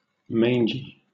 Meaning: 1. Afflicted, or looking as if afflicted, with mange 2. Worn and squalid-looking; bedraggled or decrepit 3. Contemptible, despicable, low
- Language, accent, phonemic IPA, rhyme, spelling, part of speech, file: English, Southern England, /ˈmeɪn.d͡ʒi/, -eɪndʒi, mangy, adjective, LL-Q1860 (eng)-mangy.wav